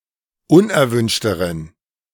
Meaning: inflection of unerwünscht: 1. strong genitive masculine/neuter singular comparative degree 2. weak/mixed genitive/dative all-gender singular comparative degree
- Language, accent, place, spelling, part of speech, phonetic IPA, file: German, Germany, Berlin, unerwünschteren, adjective, [ˈʊnʔɛɐ̯ˌvʏnʃtəʁən], De-unerwünschteren.ogg